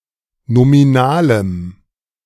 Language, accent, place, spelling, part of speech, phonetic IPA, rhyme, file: German, Germany, Berlin, nominalem, adjective, [nomiˈnaːləm], -aːləm, De-nominalem.ogg
- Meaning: strong dative masculine/neuter singular of nominal